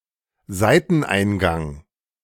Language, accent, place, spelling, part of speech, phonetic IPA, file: German, Germany, Berlin, Seiteneingang, noun, [ˈzaɪ̯tn̩ˌʔaɪ̯nɡaŋ], De-Seiteneingang.ogg
- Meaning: side entrance